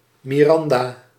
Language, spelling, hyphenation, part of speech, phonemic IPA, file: Dutch, Miranda, Mi‧ran‧da, proper noun, /ˌmiˈrɑn.daː/, Nl-Miranda.ogg
- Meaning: Miranda